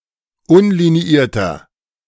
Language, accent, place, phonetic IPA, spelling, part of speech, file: German, Germany, Berlin, [ˈʊnliniˌiːɐ̯tɐ], unliniierter, adjective, De-unliniierter.ogg
- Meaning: inflection of unliniiert: 1. strong/mixed nominative masculine singular 2. strong genitive/dative feminine singular 3. strong genitive plural